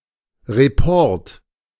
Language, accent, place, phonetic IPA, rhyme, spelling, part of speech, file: German, Germany, Berlin, [ʁeˈpɔʁt], -ɔʁt, Report, noun, De-Report.ogg
- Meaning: report (all senses)